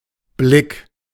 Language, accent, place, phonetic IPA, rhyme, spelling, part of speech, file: German, Germany, Berlin, [blɪk], -ɪk, Blick, noun, De-Blick.ogg
- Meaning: 1. glance, look 2. view